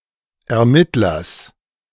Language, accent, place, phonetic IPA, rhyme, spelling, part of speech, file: German, Germany, Berlin, [ɛɐ̯ˈmɪtlɐs], -ɪtlɐs, Ermittlers, noun, De-Ermittlers.ogg
- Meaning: genitive singular of Ermittler